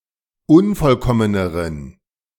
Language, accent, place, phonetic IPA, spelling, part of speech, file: German, Germany, Berlin, [ˈʊnfɔlˌkɔmənəʁən], unvollkommeneren, adjective, De-unvollkommeneren.ogg
- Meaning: inflection of unvollkommen: 1. strong genitive masculine/neuter singular comparative degree 2. weak/mixed genitive/dative all-gender singular comparative degree